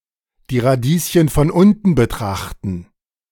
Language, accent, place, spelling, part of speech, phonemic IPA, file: German, Germany, Berlin, die Radieschen von unten betrachten, verb, /diː ʁaˈdiːsçn̩ fɔn ˈʊntn̩ bəˈtʁaχtn̩/, De-die Radieschen von unten betrachten.ogg
- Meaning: to push up daisies